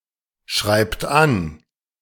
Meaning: inflection of anschreiben: 1. third-person singular present 2. second-person plural present 3. plural imperative
- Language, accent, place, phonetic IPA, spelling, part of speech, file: German, Germany, Berlin, [ˌʃʁaɪ̯pt ˈan], schreibt an, verb, De-schreibt an.ogg